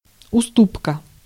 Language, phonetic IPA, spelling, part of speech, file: Russian, [ʊˈstupkə], уступка, noun, Ru-уступка.ogg
- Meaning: 1. concession 2. discount